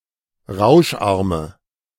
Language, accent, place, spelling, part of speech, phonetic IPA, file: German, Germany, Berlin, rauscharme, adjective, [ˈʁaʊ̯ʃˌʔaʁmə], De-rauscharme.ogg
- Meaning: inflection of rauscharm: 1. strong/mixed nominative/accusative feminine singular 2. strong nominative/accusative plural 3. weak nominative all-gender singular